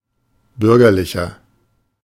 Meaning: inflection of bürgerlich: 1. strong/mixed nominative masculine singular 2. strong genitive/dative feminine singular 3. strong genitive plural
- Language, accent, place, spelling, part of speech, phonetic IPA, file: German, Germany, Berlin, bürgerlicher, adjective, [ˈbʏʁɡɐlɪçɐ], De-bürgerlicher.ogg